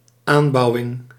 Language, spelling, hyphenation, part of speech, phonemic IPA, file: Dutch, aanbouwing, aan‧bou‧wing, noun, /ˈaːnˌbɑu̯.ɪŋ/, Nl-aanbouwing.ogg
- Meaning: annex, extension to a building